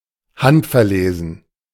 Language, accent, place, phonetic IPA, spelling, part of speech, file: German, Germany, Berlin, [ˈhantfɛɐ̯ˌleːzn̩], handverlesen, adjective, De-handverlesen.ogg
- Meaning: handpicked